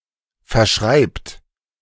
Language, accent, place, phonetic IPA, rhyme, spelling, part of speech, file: German, Germany, Berlin, [fɛɐ̯ˈʃʁaɪ̯pt], -aɪ̯pt, verschreibt, verb, De-verschreibt.ogg
- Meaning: inflection of verschreiben: 1. third-person singular present 2. second-person plural present 3. plural imperative